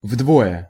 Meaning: 1. twice 2. in half
- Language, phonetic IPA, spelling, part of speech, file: Russian, [ˈvdvojə], вдвое, adverb, Ru-вдвое.ogg